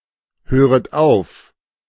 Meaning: second-person plural subjunctive I of aufhören
- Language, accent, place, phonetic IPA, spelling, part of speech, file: German, Germany, Berlin, [ˌhøːʁət ˈaʊ̯f], höret auf, verb, De-höret auf.ogg